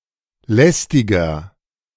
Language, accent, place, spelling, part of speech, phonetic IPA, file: German, Germany, Berlin, lästiger, adjective, [ˈlɛstɪɡɐ], De-lästiger.ogg
- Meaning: 1. comparative degree of lästig 2. inflection of lästig: strong/mixed nominative masculine singular 3. inflection of lästig: strong genitive/dative feminine singular